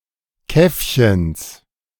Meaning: genitive singular of Käffchen
- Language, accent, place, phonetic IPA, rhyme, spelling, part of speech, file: German, Germany, Berlin, [ˈkɛfçəns], -ɛfçəns, Käffchens, noun, De-Käffchens.ogg